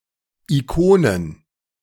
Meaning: plural of Ikone
- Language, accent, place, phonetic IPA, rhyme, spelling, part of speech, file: German, Germany, Berlin, [iˈkoːnən], -oːnən, Ikonen, noun, De-Ikonen.ogg